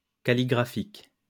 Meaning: calligraphic
- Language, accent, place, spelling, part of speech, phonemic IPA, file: French, France, Lyon, calligraphique, adjective, /ka.li.ɡʁa.fik/, LL-Q150 (fra)-calligraphique.wav